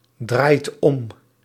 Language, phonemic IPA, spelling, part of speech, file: Dutch, /ˈdrajt ˈɔm/, draait om, verb, Nl-draait om.ogg
- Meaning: inflection of omdraaien: 1. second/third-person singular present indicative 2. plural imperative